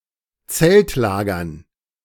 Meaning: dative plural of Zeltlager
- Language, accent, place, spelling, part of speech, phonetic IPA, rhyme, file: German, Germany, Berlin, Zeltlagern, noun, [ˈt͡sɛltˌlaːɡɐn], -ɛltlaːɡɐn, De-Zeltlagern.ogg